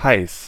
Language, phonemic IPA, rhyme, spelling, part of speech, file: German, /haɪ̯s/, -aɪ̯s, heiß, adjective, De-heiß.ogg
- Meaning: 1. hot (having a high temperature) 2. hot; horny (sexually aroused)